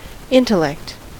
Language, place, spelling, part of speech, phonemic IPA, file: English, California, intellect, noun, /ˈɪntəˌlɛkt/, En-us-intellect.ogg
- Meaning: 1. The faculty of thinking, judging, abstract reasoning, and conceptual understanding; the cognitive faculty 2. The capacity of that faculty (in a particular person)